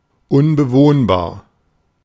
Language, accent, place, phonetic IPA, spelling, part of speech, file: German, Germany, Berlin, [ʊnbəˈvoːnbaːɐ̯], unbewohnbar, adjective, De-unbewohnbar.ogg
- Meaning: uninhabitable